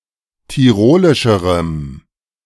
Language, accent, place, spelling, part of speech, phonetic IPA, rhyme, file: German, Germany, Berlin, tirolischerem, adjective, [tiˈʁoːlɪʃəʁəm], -oːlɪʃəʁəm, De-tirolischerem.ogg
- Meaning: strong dative masculine/neuter singular comparative degree of tirolisch